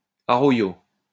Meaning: arroyo
- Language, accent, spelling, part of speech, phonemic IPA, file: French, France, arroyo, noun, /a.ʁɔ.jo/, LL-Q150 (fra)-arroyo.wav